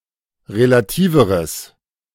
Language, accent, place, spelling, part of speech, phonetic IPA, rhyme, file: German, Germany, Berlin, relativeres, adjective, [ʁelaˈtiːvəʁəs], -iːvəʁəs, De-relativeres.ogg
- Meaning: strong/mixed nominative/accusative neuter singular comparative degree of relativ